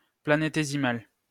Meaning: planetesimal
- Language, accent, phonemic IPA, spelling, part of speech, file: French, France, /pla.ne.te.zi.mal/, planétésimal, noun, LL-Q150 (fra)-planétésimal.wav